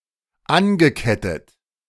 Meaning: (verb) past participle of anketten; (adjective) chained (to an object)
- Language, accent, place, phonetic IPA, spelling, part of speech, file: German, Germany, Berlin, [ˈanɡəˌkɛtət], angekettet, verb, De-angekettet.ogg